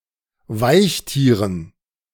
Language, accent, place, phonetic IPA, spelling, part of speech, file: German, Germany, Berlin, [ˈvaɪ̯çˌtiːʁən], Weichtieren, noun, De-Weichtieren.ogg
- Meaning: dative plural of Weichtier